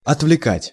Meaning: to distract, to divert
- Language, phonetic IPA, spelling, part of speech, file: Russian, [ɐtvlʲɪˈkatʲ], отвлекать, verb, Ru-отвлекать.ogg